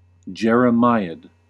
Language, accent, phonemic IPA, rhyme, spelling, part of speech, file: English, US, /ˌd͡ʒɛɹ.əˈmaɪ.əd/, -aɪəd, jeremiad, noun, En-us-jeremiad.ogg
- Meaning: A long speech or prose work that bitterly laments the state of society and its morals, and often contains a prophecy of its coming downfall